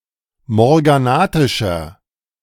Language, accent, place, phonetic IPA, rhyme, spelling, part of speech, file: German, Germany, Berlin, [mɔʁɡaˈnaːtɪʃɐ], -aːtɪʃɐ, morganatischer, adjective, De-morganatischer.ogg
- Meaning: inflection of morganatisch: 1. strong/mixed nominative masculine singular 2. strong genitive/dative feminine singular 3. strong genitive plural